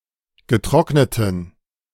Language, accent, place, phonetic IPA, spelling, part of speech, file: German, Germany, Berlin, [ɡəˈtʁɔknətn̩], getrockneten, adjective, De-getrockneten.ogg
- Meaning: inflection of getrocknet: 1. strong genitive masculine/neuter singular 2. weak/mixed genitive/dative all-gender singular 3. strong/weak/mixed accusative masculine singular 4. strong dative plural